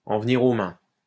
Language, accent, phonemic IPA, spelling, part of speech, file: French, France, /ɑ̃ v(ə).ni.ʁ‿o mɛ̃/, en venir aux mains, verb, LL-Q150 (fra)-en venir aux mains.wav
- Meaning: to come to blows